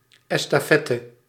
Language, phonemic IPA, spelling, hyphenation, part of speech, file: Dutch, /ˌɛs.taːˈfɛ.tə/, estafette, es‧ta‧fet‧te, noun, Nl-estafette.ogg
- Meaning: relay race